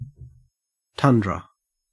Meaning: 1. A flat and treeless Arctic biome 2. A long stretch of something, such as time
- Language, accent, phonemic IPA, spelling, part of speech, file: English, Australia, /ˈtʌndɹə/, tundra, noun, En-au-tundra.ogg